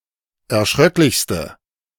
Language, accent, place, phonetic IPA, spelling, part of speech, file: German, Germany, Berlin, [ɛɐ̯ˈʃʁœklɪçstə], erschröcklichste, adjective, De-erschröcklichste.ogg
- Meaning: inflection of erschröcklich: 1. strong/mixed nominative/accusative feminine singular superlative degree 2. strong nominative/accusative plural superlative degree